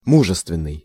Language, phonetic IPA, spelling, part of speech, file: Russian, [ˈmuʐɨstvʲɪn(ː)ɨj], мужественный, adjective, Ru-мужественный.ogg
- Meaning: 1. manly, virile, masculine (having the characteristics of a man) 2. courageous, brave, gutsy